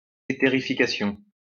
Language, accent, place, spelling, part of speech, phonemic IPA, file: French, France, Lyon, éthérification, noun, /e.te.ʁi.fi.ka.sjɔ̃/, LL-Q150 (fra)-éthérification.wav
- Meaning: etherification